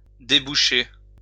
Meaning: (verb) 1. to start 2. to dislodge, to start; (noun) start
- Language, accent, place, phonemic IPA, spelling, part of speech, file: French, France, Lyon, /de.by.ʃe/, débucher, verb / noun, LL-Q150 (fra)-débucher.wav